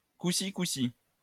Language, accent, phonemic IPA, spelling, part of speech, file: French, France, /ku.si.ku.si/, couci-couci, adverb, LL-Q150 (fra)-couci-couci.wav
- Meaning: not bad, so-so